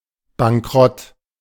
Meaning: bankrupt
- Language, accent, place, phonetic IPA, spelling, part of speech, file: German, Germany, Berlin, [baŋˈkʁɔt], bankrott, adjective, De-bankrott.ogg